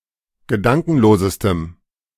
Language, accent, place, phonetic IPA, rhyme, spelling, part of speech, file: German, Germany, Berlin, [ɡəˈdaŋkn̩loːzəstəm], -aŋkn̩loːzəstəm, gedankenlosestem, adjective, De-gedankenlosestem.ogg
- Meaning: strong dative masculine/neuter singular superlative degree of gedankenlos